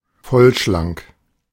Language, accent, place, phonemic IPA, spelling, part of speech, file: German, Germany, Berlin, /ˈfɔlʃlaŋk/, vollschlank, adjective, De-vollschlank.ogg
- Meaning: plump, chubby